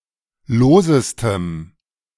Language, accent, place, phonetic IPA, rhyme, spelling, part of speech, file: German, Germany, Berlin, [ˈloːzəstəm], -oːzəstəm, losestem, adjective, De-losestem.ogg
- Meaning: strong dative masculine/neuter singular superlative degree of lose